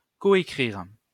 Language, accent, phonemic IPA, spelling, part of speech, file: French, France, /ko.e.kʁiʁ/, coécrire, verb, LL-Q150 (fra)-coécrire.wav
- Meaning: to co-write